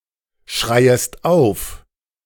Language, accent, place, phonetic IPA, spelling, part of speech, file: German, Germany, Berlin, [ˌʃʁaɪ̯əst ˈaʊ̯f], schreiest auf, verb, De-schreiest auf.ogg
- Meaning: second-person singular subjunctive I of aufschreien